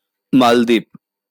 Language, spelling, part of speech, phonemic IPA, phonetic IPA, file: Bengali, মালদ্বীপ, proper noun, /mald̪ip/, [ˈmal̪d̪ip], LL-Q9610 (ben)-মালদ্বীপ.wav
- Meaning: Maldives (an archipelago and country in South Asia, located in the Indian Ocean off the coast of India)